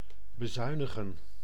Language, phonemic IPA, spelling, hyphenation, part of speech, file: Dutch, /bəˈzœy̯nəɣə(n)/, bezuinigen, be‧zui‧ni‧gen, verb, Nl-bezuinigen.ogg
- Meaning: to economize, to cut the budget